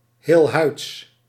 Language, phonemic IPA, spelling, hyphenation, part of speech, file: Dutch, /ˈɦeːl.ɦœy̯ts/, heelhuids, heel‧huids, adverb / adjective, Nl-heelhuids.ogg
- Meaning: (adverb) unharmed, safe and sound, unscathed; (adjective) unscathed, unharmed